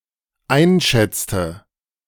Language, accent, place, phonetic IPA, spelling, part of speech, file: German, Germany, Berlin, [ˈaɪ̯nˌʃɛt͡stə], einschätzte, verb, De-einschätzte.ogg
- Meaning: inflection of einschätzen: 1. first/third-person singular dependent preterite 2. first/third-person singular dependent subjunctive II